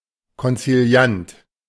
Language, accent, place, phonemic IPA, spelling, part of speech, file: German, Germany, Berlin, /kɔnt͡siˈli̯ant/, konziliant, adjective, De-konziliant.ogg
- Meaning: conciliatory